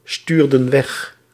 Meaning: inflection of wegsturen: 1. plural past indicative 2. plural past subjunctive
- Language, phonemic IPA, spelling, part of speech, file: Dutch, /ˈstyrdə(n) ˈwɛx/, stuurden weg, verb, Nl-stuurden weg.ogg